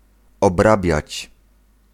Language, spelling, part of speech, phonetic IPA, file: Polish, obrabiać, verb, [ɔbˈrabʲjät͡ɕ], Pl-obrabiać.ogg